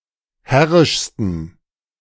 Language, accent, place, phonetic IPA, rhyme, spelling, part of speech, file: German, Germany, Berlin, [ˈhɛʁɪʃstn̩], -ɛʁɪʃstn̩, herrischsten, adjective, De-herrischsten.ogg
- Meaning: 1. superlative degree of herrisch 2. inflection of herrisch: strong genitive masculine/neuter singular superlative degree